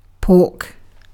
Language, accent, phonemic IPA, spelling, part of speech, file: English, UK, /pɔːk/, pork, noun / verb, En-uk-pork.ogg
- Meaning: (noun) 1. The meat of a pig 2. Funding proposed or requested by a member of Congress for special interests or their constituency as opposed to the good of the country as a whole